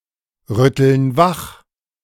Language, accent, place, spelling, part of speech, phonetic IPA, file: German, Germany, Berlin, rütteln wach, verb, [ˌʁʏtl̩n ˈvax], De-rütteln wach.ogg
- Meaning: inflection of wachrütteln: 1. first/third-person plural present 2. first/third-person plural subjunctive I